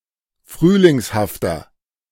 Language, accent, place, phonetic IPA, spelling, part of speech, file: German, Germany, Berlin, [ˈfʁyːlɪŋshaftɐ], frühlingshafter, adjective, De-frühlingshafter.ogg
- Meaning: 1. comparative degree of frühlingshaft 2. inflection of frühlingshaft: strong/mixed nominative masculine singular 3. inflection of frühlingshaft: strong genitive/dative feminine singular